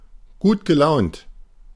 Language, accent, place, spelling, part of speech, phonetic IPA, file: German, Germany, Berlin, gutgelaunt, adjective, [ˈɡuːtɡəˌlaʊ̯nt], De-gutgelaunt.ogg
- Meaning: in a good mood